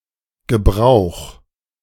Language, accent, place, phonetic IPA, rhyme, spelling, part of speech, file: German, Germany, Berlin, [ɡəˈbʁaʊ̯x], -aʊ̯x, gebrauch, verb, De-gebrauch.ogg
- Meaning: 1. singular imperative of gebrauchen 2. first-person singular present of gebrauchen